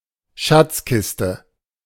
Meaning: treasure chest
- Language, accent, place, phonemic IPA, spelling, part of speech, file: German, Germany, Berlin, /ˈʃat͡sˌkɪstə/, Schatzkiste, noun, De-Schatzkiste.ogg